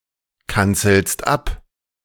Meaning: second-person singular present of abkanzeln
- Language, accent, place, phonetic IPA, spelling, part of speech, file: German, Germany, Berlin, [ˌkant͡sl̩st ˈap], kanzelst ab, verb, De-kanzelst ab.ogg